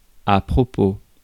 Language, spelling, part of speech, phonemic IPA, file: French, propos, noun, /pʁɔ.po/, Fr-propos.ogg
- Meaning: 1. aim, intention 2. remark